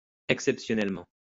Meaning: exceptionally
- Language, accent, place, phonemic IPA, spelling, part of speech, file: French, France, Lyon, /ɛk.sɛp.sjɔ.nɛl.mɑ̃/, exceptionnellement, adverb, LL-Q150 (fra)-exceptionnellement.wav